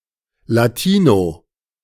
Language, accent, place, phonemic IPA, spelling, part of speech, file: German, Germany, Berlin, /laˈtiːno/, Latino, noun, De-Latino.ogg
- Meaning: Latino (person from Latin America or with a Latin American background)